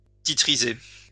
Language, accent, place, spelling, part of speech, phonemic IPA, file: French, France, Lyon, titriser, verb, /ti.tʁi.ze/, LL-Q150 (fra)-titriser.wav
- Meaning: to securitize